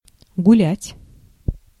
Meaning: 1. to walk, to go for a walk, to stroll 2. to have time-off, to have free time 3. to make merry, to enjoy oneself, to carouse 4. to make merry, to enjoy oneself, to carouse: to party
- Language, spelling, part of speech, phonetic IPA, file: Russian, гулять, verb, [ɡʊˈlʲætʲ], Ru-гулять.ogg